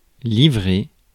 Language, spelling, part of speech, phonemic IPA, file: French, livrer, verb, /li.vʁe/, Fr-livrer.ogg
- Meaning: 1. to deliver (a package, merchandise etc.) 2. to hand over, deliver (someone to an enemy, police, etc.) 3. to betray 4. to give away (a secret etc.); to confide, reveal, drop (a hint)